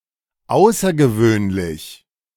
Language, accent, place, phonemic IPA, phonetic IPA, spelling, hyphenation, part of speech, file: German, Germany, Berlin, /ˈaʊ̯.sɐ.ɡəˌvøːn.lɪç/, [ˈʔaʊ̯.sɐ.ɡəˌvøːn.lɪç], außergewöhnlich, au‧ßer‧ge‧wöhn‧lich, adjective, De-außergewöhnlich.ogg
- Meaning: exceptional, extraordinary